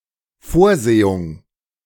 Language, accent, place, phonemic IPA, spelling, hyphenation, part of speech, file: German, Germany, Berlin, /ˈfoːʁˌzeːʊŋ/, Vorsehung, Vor‧se‧hung, noun, De-Vorsehung.ogg
- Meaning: 1. Providence, Divine Providence (God's superintendence over earthly events) 2. fate, destiny (impersonal force or principle that predetermines events)